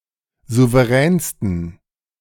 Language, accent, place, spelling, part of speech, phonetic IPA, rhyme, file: German, Germany, Berlin, souveränsten, adjective, [ˌzuvəˈʁɛːnstn̩], -ɛːnstn̩, De-souveränsten.ogg
- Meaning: 1. superlative degree of souverän 2. inflection of souverän: strong genitive masculine/neuter singular superlative degree